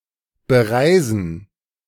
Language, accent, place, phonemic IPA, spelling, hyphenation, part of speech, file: German, Germany, Berlin, /bəˈʁaɪ̯zən̩/, bereisen, be‧rei‧sen, verb, De-bereisen.ogg
- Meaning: to travel to